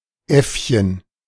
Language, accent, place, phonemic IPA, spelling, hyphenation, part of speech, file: German, Germany, Berlin, /ˈʔɛfçən/, Äffchen, Äff‧chen, noun, De-Äffchen.ogg
- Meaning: diminutive of Affe (“monkey”)